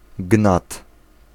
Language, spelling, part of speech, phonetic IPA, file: Polish, gnat, noun, [ɡnat], Pl-gnat.ogg